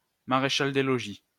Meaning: Francophone rank replacing sergeant in the cavalry; marshal of lodgings
- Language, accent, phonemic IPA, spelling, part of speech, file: French, France, /ma.ʁe.ʃal de lɔ.ʒi/, maréchal des logis, noun, LL-Q150 (fra)-maréchal des logis.wav